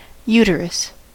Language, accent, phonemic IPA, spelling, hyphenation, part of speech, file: English, US, /ˈjuː.tə.ɹəs/, uterus, u‧ter‧us, noun, En-us-uterus.ogg
- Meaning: A reproductive organ of therian mammals in which the young are conceived and develop until birth